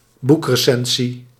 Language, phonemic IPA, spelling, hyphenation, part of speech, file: Dutch, /ˈbuk.rəˌsɛn.zi/, boekrecensie, boek‧re‧cen‧sie, noun, Nl-boekrecensie.ogg
- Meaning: book review